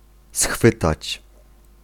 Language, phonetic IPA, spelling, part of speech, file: Polish, [ˈsxfɨtat͡ɕ], schwytać, verb, Pl-schwytać.ogg